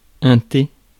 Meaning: tea (especially made from leaves of the tea plant)
- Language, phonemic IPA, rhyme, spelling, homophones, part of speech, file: French, /te/, -e, thé, T / tes, noun, Fr-thé.ogg